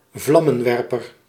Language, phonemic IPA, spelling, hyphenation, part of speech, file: Dutch, /ˈvlɑ.mə(n)ˌʋɛr.pər/, vlammenwerper, vlam‧men‧wer‧per, noun, Nl-vlammenwerper.ogg
- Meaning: a flamethrower